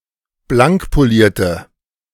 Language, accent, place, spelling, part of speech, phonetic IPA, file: German, Germany, Berlin, blankpolierte, adjective, [ˈblaŋkpoˌliːɐ̯tə], De-blankpolierte.ogg
- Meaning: inflection of blankpoliert: 1. strong/mixed nominative/accusative feminine singular 2. strong nominative/accusative plural 3. weak nominative all-gender singular